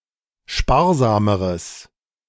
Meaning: strong/mixed nominative/accusative neuter singular comparative degree of sparsam
- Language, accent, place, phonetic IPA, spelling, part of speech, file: German, Germany, Berlin, [ˈʃpaːɐ̯ˌzaːməʁəs], sparsameres, adjective, De-sparsameres.ogg